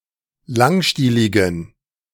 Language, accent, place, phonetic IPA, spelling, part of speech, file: German, Germany, Berlin, [ˈlaŋˌʃtiːlɪɡn̩], langstieligen, adjective, De-langstieligen.ogg
- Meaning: inflection of langstielig: 1. strong genitive masculine/neuter singular 2. weak/mixed genitive/dative all-gender singular 3. strong/weak/mixed accusative masculine singular 4. strong dative plural